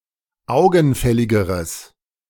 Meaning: strong/mixed nominative/accusative neuter singular comparative degree of augenfällig
- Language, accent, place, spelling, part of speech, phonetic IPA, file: German, Germany, Berlin, augenfälligeres, adjective, [ˈaʊ̯ɡn̩ˌfɛlɪɡəʁəs], De-augenfälligeres.ogg